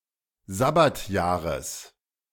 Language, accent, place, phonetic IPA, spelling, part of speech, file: German, Germany, Berlin, [ˈzabatjaːʁəs], Sabbatjahres, noun, De-Sabbatjahres.ogg
- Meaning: genitive singular of Sabbatjahr